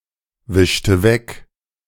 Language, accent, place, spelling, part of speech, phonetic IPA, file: German, Germany, Berlin, wischte weg, verb, [ˌvɪʃtə ˈvɛk], De-wischte weg.ogg
- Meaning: inflection of wegwischen: 1. first/third-person singular preterite 2. first/third-person singular subjunctive II